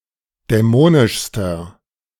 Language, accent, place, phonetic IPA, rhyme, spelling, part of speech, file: German, Germany, Berlin, [dɛˈmoːnɪʃstɐ], -oːnɪʃstɐ, dämonischster, adjective, De-dämonischster.ogg
- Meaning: inflection of dämonisch: 1. strong/mixed nominative masculine singular superlative degree 2. strong genitive/dative feminine singular superlative degree 3. strong genitive plural superlative degree